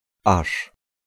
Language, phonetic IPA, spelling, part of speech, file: Polish, [aʃ], -arz, suffix, Pl--arz.ogg